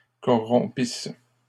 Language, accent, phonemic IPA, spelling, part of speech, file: French, Canada, /kɔ.ʁɔ̃.pis/, corrompissent, verb, LL-Q150 (fra)-corrompissent.wav
- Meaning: third-person plural imperfect subjunctive of corrompre